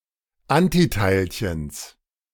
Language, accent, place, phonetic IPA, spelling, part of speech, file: German, Germany, Berlin, [ˈantiˌtaɪ̯lçəns], Antiteilchens, noun, De-Antiteilchens.ogg
- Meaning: genitive of Antiteilchen